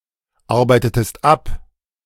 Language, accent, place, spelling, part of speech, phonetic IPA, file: German, Germany, Berlin, arbeitetest ab, verb, [ˌaʁbaɪ̯tətəst ˈap], De-arbeitetest ab.ogg
- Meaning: inflection of abarbeiten: 1. second-person singular preterite 2. second-person singular subjunctive II